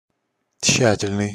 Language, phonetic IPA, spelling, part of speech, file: Russian, [ˈt͡ɕɕːætʲɪlʲnɨj], тщательный, adjective, Ru-тщательный.ogg
- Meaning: careful, thorough (meticulous)